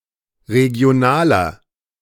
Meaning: inflection of regional: 1. strong/mixed nominative masculine singular 2. strong genitive/dative feminine singular 3. strong genitive plural
- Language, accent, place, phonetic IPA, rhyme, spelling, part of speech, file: German, Germany, Berlin, [ʁeɡi̯oˈnaːlɐ], -aːlɐ, regionaler, adjective, De-regionaler.ogg